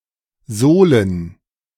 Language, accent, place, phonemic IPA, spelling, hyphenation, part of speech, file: German, Germany, Berlin, /ˈzoːlən/, sohlen, soh‧len, verb, De-sohlen.ogg
- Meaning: to sole